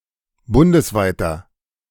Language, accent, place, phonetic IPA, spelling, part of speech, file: German, Germany, Berlin, [ˈbʊndəsˌvaɪ̯tɐ], bundesweiter, adjective, De-bundesweiter.ogg
- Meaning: inflection of bundesweit: 1. strong/mixed nominative masculine singular 2. strong genitive/dative feminine singular 3. strong genitive plural